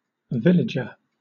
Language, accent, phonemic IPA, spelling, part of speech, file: English, Southern England, /ˈvɪlɪd͡ʒə/, villager, noun, LL-Q1860 (eng)-villager.wav
- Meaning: 1. A person who lives in, or comes from, a village 2. A worker unit